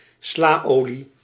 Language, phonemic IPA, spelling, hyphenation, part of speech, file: Dutch, /ˈslaːˌoː.li/, slaolie, sla‧olie, noun, Nl-slaolie.ogg
- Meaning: salad oil